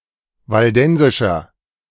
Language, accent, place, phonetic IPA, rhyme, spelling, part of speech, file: German, Germany, Berlin, [valˈdɛnzɪʃɐ], -ɛnzɪʃɐ, waldensischer, adjective, De-waldensischer.ogg
- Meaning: inflection of waldensisch: 1. strong/mixed nominative masculine singular 2. strong genitive/dative feminine singular 3. strong genitive plural